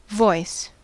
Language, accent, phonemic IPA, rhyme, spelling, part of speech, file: English, US, /vɔɪs/, -ɔɪs, voice, noun / verb, En-us-voice.ogg
- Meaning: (noun) Sound uttered by the mouth, especially by human beings in speech or song; sound thus uttered considered as possessing some special quality or character